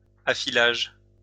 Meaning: sharpening
- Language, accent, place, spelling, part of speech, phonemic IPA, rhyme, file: French, France, Lyon, affilage, noun, /a.fi.laʒ/, -aʒ, LL-Q150 (fra)-affilage.wav